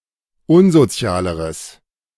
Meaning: strong/mixed nominative/accusative neuter singular comparative degree of unsozial
- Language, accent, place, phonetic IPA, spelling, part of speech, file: German, Germany, Berlin, [ˈʊnzoˌt͡si̯aːləʁəs], unsozialeres, adjective, De-unsozialeres.ogg